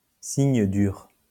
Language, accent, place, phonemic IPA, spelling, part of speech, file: French, France, Lyon, /siɲ dyʁ/, signe dur, noun, LL-Q150 (fra)-signe dur.wav
- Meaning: hard sign